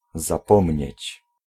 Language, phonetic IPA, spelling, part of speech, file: Polish, [zaˈpɔ̃mʲɲɛ̇t͡ɕ], zapomnieć, verb, Pl-zapomnieć.ogg